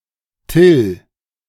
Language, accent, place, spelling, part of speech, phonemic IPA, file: German, Germany, Berlin, Till, noun / proper noun, /tɪl/, De-Till.ogg
- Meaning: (noun) obsolete form of Dill (“dill”); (proper noun) a male given name